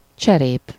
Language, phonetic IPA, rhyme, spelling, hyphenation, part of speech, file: Hungarian, [ˈt͡ʃɛreːp], -eːp, cserép, cse‧rép, noun, Hu-cserép.ogg
- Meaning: 1. shard 2. tile, rooftile (a regularly-shaped slab of clay or other material, affixed to cover a roof) 3. pot, flowerpot (a vessel used to hold soil for growing plants, particularly flowers)